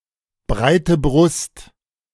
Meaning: 1. self-confidence; being sure of victory 2. Used other than figuratively or idiomatically: see breit, Brust
- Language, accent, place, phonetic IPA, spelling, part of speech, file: German, Germany, Berlin, [ˈbʁaɪ̯tə ˈbʁʊst], breite Brust, phrase, De-breite Brust.ogg